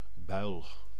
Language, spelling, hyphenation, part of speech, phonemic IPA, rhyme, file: Dutch, buil, buil, noun, /bœy̯l/, -œy̯l, Nl-buil.ogg
- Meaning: 1. a bruise, a bump 2. a boil, a swelling 3. a small, closed bag or poach 4. a large, encased cylindric sieve, notably to separate flower and bran